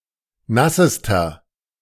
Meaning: inflection of nass: 1. strong/mixed nominative masculine singular superlative degree 2. strong genitive/dative feminine singular superlative degree 3. strong genitive plural superlative degree
- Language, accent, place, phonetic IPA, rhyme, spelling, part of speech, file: German, Germany, Berlin, [ˈnasəstɐ], -asəstɐ, nassester, adjective, De-nassester.ogg